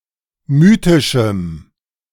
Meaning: strong dative masculine/neuter singular of mythisch
- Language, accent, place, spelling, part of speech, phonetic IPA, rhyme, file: German, Germany, Berlin, mythischem, adjective, [ˈmyːtɪʃm̩], -yːtɪʃm̩, De-mythischem.ogg